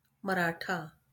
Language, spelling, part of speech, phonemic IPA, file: Marathi, मराठा, noun, /mə.ɾa.ʈʰa/, LL-Q1571 (mar)-मराठा.wav
- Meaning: 1. Maratha (a caste or a member of it) 2. a Maharashtrian (a person from Maharastra)